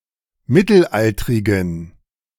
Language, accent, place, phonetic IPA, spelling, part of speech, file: German, Germany, Berlin, [ˈmɪtl̩ˌʔaltʁɪɡn̩], mittelaltrigen, adjective, De-mittelaltrigen.ogg
- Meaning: inflection of mittelaltrig: 1. strong genitive masculine/neuter singular 2. weak/mixed genitive/dative all-gender singular 3. strong/weak/mixed accusative masculine singular 4. strong dative plural